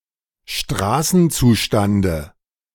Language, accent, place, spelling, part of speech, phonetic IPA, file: German, Germany, Berlin, Straßenzustande, noun, [ˈʃtʁaːsn̩ˌt͡suːʃtandə], De-Straßenzustande.ogg
- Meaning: dative of Straßenzustand